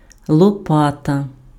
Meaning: 1. shovel 2. spade (a garden tool with a handle and a flat blade for digging) 3. peel (a paddle-like tool used to take bread or pizza from an oven)
- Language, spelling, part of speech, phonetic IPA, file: Ukrainian, лопата, noun, [ɫɔˈpatɐ], Uk-лопата.ogg